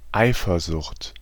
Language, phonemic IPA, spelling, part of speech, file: German, /ˈʔaɪ̯fɐzʊxt/, Eifersucht, noun, De-Eifersucht.ogg
- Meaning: jealousy